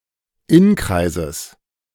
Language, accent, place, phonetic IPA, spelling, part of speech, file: German, Germany, Berlin, [ˈɪnˌkʁaɪ̯zəs], Inkreises, noun, De-Inkreises.ogg
- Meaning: genitive of Inkreis